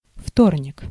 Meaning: Tuesday
- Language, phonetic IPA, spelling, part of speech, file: Russian, [ˈftornʲɪk], вторник, noun, Ru-вторник.ogg